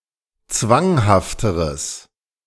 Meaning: strong/mixed nominative/accusative neuter singular comparative degree of zwanghaft
- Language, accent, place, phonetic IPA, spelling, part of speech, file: German, Germany, Berlin, [ˈt͡svaŋhaftəʁəs], zwanghafteres, adjective, De-zwanghafteres.ogg